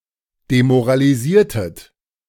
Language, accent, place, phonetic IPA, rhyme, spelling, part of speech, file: German, Germany, Berlin, [demoʁaliˈziːɐ̯tət], -iːɐ̯tət, demoralisiertet, verb, De-demoralisiertet.ogg
- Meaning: inflection of demoralisieren: 1. second-person plural preterite 2. second-person plural subjunctive II